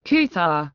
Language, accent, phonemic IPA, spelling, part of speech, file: Kok Borok, India, /ˈkə.t̪ʰar/, kwthar, adjective, Kwthar Pronunciation 1.ogg
- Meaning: holy, sacred, pure